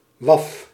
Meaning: woof (the sound of a dog barking)
- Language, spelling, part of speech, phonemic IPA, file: Dutch, waf, interjection, /wɑf/, Nl-waf.ogg